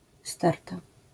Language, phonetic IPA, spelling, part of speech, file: Polish, [ˈstɛrta], sterta, noun, LL-Q809 (pol)-sterta.wav